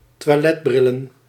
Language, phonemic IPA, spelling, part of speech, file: Dutch, /twɑˈlɛdbrɪlə(n)/, toiletbrillen, noun, Nl-toiletbrillen.ogg
- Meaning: plural of toiletbril